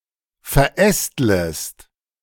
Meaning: second-person singular subjunctive I of verästeln
- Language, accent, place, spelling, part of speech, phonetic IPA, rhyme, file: German, Germany, Berlin, verästlest, verb, [fɛɐ̯ˈʔɛstləst], -ɛstləst, De-verästlest.ogg